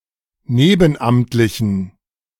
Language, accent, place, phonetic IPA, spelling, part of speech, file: German, Germany, Berlin, [ˈneːbn̩ˌʔamtlɪçn̩], nebenamtlichen, adjective, De-nebenamtlichen.ogg
- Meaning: inflection of nebenamtlich: 1. strong genitive masculine/neuter singular 2. weak/mixed genitive/dative all-gender singular 3. strong/weak/mixed accusative masculine singular 4. strong dative plural